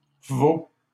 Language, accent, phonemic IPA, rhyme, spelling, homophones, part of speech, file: French, Canada, /vo/, -o, vaut, vaux / veau / veaux, verb, LL-Q150 (fra)-vaut.wav
- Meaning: third-person singular present indicative of valoir